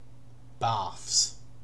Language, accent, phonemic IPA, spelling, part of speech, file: English, UK, /bɑːfs/, barfs, verb, En-uk-barfs.ogg
- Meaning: third-person singular simple present indicative of barf